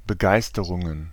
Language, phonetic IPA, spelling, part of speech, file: German, [bəˈɡaɪ̯stəʁʊŋən], Begeisterungen, noun, De-Begeisterungen.ogg
- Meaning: plural of Begeisterung